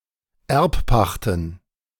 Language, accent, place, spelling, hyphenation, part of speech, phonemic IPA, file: German, Germany, Berlin, Erbpachten, Erb‧pach‧ten, noun, /ˈɛʁpˌpaxtn̩/, De-Erbpachten.ogg
- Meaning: plural of Erbpacht